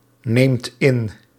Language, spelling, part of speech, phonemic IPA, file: Dutch, neemt in, verb, /ˈnemt ˈɪn/, Nl-neemt in.ogg
- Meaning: inflection of innemen: 1. second/third-person singular present indicative 2. plural imperative